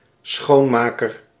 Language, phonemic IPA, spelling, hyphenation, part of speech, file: Dutch, /ˈsxoː(n)ˌmaː.kər/, schoonmaker, schoon‧ma‧ker, noun, Nl-schoonmaker.ogg
- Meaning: cleaner, janitor